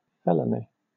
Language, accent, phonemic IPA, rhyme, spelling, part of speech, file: English, Southern England, /ˈfɛləni/, -ɛləni, felony, noun, LL-Q1860 (eng)-felony.wav
- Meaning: A serious criminal offense, which, under United States federal law, is punishable by a term of imprisonment of not less than one year or by the death penalty in the most serious offenses